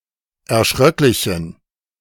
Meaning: inflection of erschröcklich: 1. strong genitive masculine/neuter singular 2. weak/mixed genitive/dative all-gender singular 3. strong/weak/mixed accusative masculine singular 4. strong dative plural
- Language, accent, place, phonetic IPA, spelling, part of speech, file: German, Germany, Berlin, [ɛɐ̯ˈʃʁœklɪçn̩], erschröcklichen, adjective, De-erschröcklichen.ogg